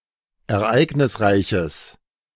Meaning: strong/mixed nominative/accusative neuter singular of ereignisreich
- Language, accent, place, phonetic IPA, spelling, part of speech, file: German, Germany, Berlin, [ɛɐ̯ˈʔaɪ̯ɡnɪsˌʁaɪ̯çəs], ereignisreiches, adjective, De-ereignisreiches.ogg